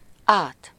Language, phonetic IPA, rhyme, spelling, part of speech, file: Hungarian, [ˈaːt], -aːt, át, adverb / postposition, Hu-át.ogg
- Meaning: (adverb) across, over; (postposition) across, over (from one side of an opening to the other, with -n/-on/-en/-ön)